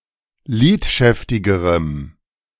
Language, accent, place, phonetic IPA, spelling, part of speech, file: German, Germany, Berlin, [ˈliːtˌʃɛftɪɡəʁəm], lidschäftigerem, adjective, De-lidschäftigerem.ogg
- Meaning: strong dative masculine/neuter singular comparative degree of lidschäftig